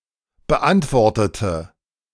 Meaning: inflection of beantwortet: 1. strong/mixed nominative/accusative feminine singular 2. strong nominative/accusative plural 3. weak nominative all-gender singular
- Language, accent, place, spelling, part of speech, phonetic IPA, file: German, Germany, Berlin, beantwortete, adjective / verb, [bəˈʔantvɔʁtətə], De-beantwortete.ogg